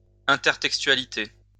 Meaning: intertextuality
- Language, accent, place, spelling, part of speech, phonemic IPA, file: French, France, Lyon, intertextualité, noun, /ɛ̃.tɛʁ.tɛk.stɥa.li.te/, LL-Q150 (fra)-intertextualité.wav